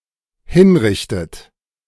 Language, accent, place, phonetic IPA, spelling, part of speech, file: German, Germany, Berlin, [ˈhɪnˌʁɪçtət], hinrichtet, verb, De-hinrichtet.ogg
- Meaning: inflection of hinrichten: 1. third-person singular dependent present 2. second-person plural dependent present 3. second-person plural dependent subjunctive I